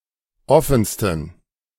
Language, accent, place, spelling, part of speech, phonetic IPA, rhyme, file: German, Germany, Berlin, offensten, adjective, [ˈɔfn̩stən], -ɔfn̩stən, De-offensten.ogg
- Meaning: 1. superlative degree of offen 2. inflection of offen: strong genitive masculine/neuter singular superlative degree